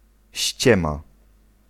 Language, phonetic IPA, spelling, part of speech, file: Polish, [ˈɕt͡ɕɛ̃ma], ściema, noun, Pl-ściema.ogg